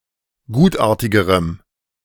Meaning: strong dative masculine/neuter singular comparative degree of gutartig
- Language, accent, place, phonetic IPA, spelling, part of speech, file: German, Germany, Berlin, [ˈɡuːtˌʔaːɐ̯tɪɡəʁəm], gutartigerem, adjective, De-gutartigerem.ogg